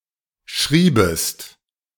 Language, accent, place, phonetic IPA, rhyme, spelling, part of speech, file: German, Germany, Berlin, [ˈʃʁiːbəst], -iːbəst, schriebest, verb, De-schriebest.ogg
- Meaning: second-person singular subjunctive II of schreiben